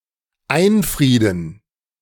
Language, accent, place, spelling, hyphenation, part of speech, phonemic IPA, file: German, Germany, Berlin, einfrieden, ein‧frie‧den, verb, /ˈaɪ̯nˌfʁiːdn̩/, De-einfrieden.ogg
- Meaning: to fence in